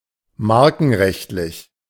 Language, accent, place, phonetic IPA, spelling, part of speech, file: German, Germany, Berlin, [ˈmaʁkn̩ˌʁɛçtlɪç], markenrechtlich, adjective, De-markenrechtlich.ogg
- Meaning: trademarked